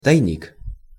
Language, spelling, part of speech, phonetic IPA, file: Russian, тайник, noun, [tɐjˈnʲik], Ru-тайник.ogg
- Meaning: hiding place, cache, secret compartment